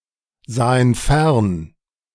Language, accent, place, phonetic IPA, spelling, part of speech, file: German, Germany, Berlin, [ˌzaːən ˈfɛʁn], sahen fern, verb, De-sahen fern.ogg
- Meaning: first/third-person plural preterite of fernsehen